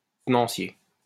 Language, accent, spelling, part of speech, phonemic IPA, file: French, France, tenancier, noun, /tə.nɑ̃.sje/, LL-Q150 (fra)-tenancier.wav
- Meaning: manager (of a hotel, restaurant, etc.)